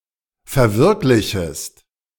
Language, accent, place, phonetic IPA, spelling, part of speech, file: German, Germany, Berlin, [fɛɐ̯ˈvɪʁklɪçəst], verwirklichest, verb, De-verwirklichest.ogg
- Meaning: second-person singular subjunctive I of verwirklichen